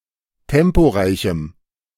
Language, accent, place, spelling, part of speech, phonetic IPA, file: German, Germany, Berlin, temporeichem, adjective, [ˈtɛmpoˌʁaɪ̯çm̩], De-temporeichem.ogg
- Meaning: strong dative masculine/neuter singular of temporeich